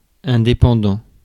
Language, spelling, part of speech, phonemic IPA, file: French, indépendant, adjective / noun, /ɛ̃.de.pɑ̃.dɑ̃/, Fr-indépendant.ogg
- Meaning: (adjective) 1. independent 2. self-employed; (noun) freelancer; self-employed worker; sole trader